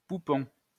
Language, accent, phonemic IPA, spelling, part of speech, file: French, France, /pu.pɔ̃/, poupon, noun, LL-Q150 (fra)-poupon.wav
- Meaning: 1. little baby 2. baby doll